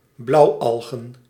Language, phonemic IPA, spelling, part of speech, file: Dutch, /ˈblʌʊɑɫɣə(n)/, blauwalgen, noun, Nl-blauwalgen.ogg
- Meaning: plural of blauwalg